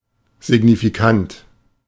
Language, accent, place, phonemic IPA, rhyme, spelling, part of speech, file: German, Germany, Berlin, /zɪɡnifiˈkant/, -ant, signifikant, adjective, De-signifikant.ogg
- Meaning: significant (having noticeable effect)